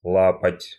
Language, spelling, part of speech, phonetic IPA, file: Russian, лапоть, noun, [ˈɫapətʲ], Ru-лапоть.ogg
- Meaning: 1. bast shoe, bast sandal, lapti 2. an outdated, cumbersome, awkward thing 3. ignorant, uneducated person, dropout (who might wear cheap, bast shoes)